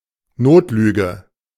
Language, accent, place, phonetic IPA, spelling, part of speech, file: German, Germany, Berlin, [ˈnoːtˌlyːɡə], Notlüge, noun, De-Notlüge.ogg
- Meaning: a harmless or trivial lie, especially one told to avoid hurting someone's feelings; white lie